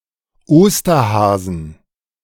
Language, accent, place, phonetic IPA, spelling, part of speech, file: German, Germany, Berlin, [ˈoːstɐhaːzn̩], Osterhasen, noun, De-Osterhasen.ogg
- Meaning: 1. genitive singular of Osterhase 2. plural of Osterhase